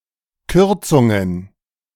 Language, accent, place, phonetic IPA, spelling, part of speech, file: German, Germany, Berlin, [ˈkʏʁt͡sʊŋən], Kürzungen, noun, De-Kürzungen.ogg
- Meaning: plural of Kürzung